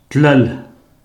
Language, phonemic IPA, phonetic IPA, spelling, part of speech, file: Pashto, /tləl/, [t̪l̪əl], تلل, verb, Tlal3.ogg
- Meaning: to go